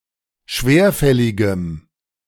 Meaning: strong dative masculine/neuter singular of schwerfällig
- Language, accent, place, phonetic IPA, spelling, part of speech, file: German, Germany, Berlin, [ˈʃveːɐ̯ˌfɛlɪɡəm], schwerfälligem, adjective, De-schwerfälligem.ogg